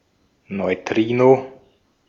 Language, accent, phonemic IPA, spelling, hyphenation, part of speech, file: German, Austria, /nɔɪ̯ˈtʁiːno/, Neutrino, Neu‧tri‧no, noun, De-at-Neutrino.ogg
- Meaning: neutrino